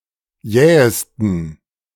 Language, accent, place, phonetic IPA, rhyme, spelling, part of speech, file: German, Germany, Berlin, [ˈjɛːəstn̩], -ɛːəstn̩, jähesten, adjective, De-jähesten.ogg
- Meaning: 1. superlative degree of jäh 2. inflection of jäh: strong genitive masculine/neuter singular superlative degree 3. inflection of jäh: weak/mixed genitive/dative all-gender singular superlative degree